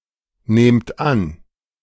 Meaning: inflection of annehmen: 1. second-person plural present 2. plural imperative
- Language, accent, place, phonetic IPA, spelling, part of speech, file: German, Germany, Berlin, [ˌneːmt ˈan], nehmt an, verb, De-nehmt an.ogg